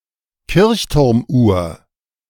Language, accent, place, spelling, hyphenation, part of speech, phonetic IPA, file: German, Germany, Berlin, Kirchturmuhr, Kirch‧turm‧uhr, noun, [ˈkɪʁçtʊʁmˌuːɐ̯], De-Kirchturmuhr.ogg
- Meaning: church tower clock